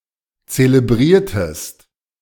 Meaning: inflection of zelebrieren: 1. second-person singular preterite 2. second-person singular subjunctive II
- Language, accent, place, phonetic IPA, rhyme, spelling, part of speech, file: German, Germany, Berlin, [t͡seləˈbʁiːɐ̯təst], -iːɐ̯təst, zelebriertest, verb, De-zelebriertest.ogg